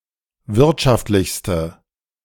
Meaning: inflection of wirtschaftlich: 1. strong/mixed nominative/accusative feminine singular superlative degree 2. strong nominative/accusative plural superlative degree
- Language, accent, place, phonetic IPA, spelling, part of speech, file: German, Germany, Berlin, [ˈvɪʁtʃaftlɪçstə], wirtschaftlichste, adjective, De-wirtschaftlichste.ogg